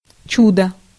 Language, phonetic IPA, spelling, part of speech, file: Russian, [ˈt͡ɕudə], чудо, noun, Ru-чудо.ogg
- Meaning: 1. miracle, marvel 2. wonder